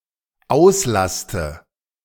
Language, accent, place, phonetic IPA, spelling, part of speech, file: German, Germany, Berlin, [ˈaʊ̯sˌlastə], auslaste, verb, De-auslaste.ogg
- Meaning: inflection of auslasten: 1. first-person singular dependent present 2. first/third-person singular dependent subjunctive I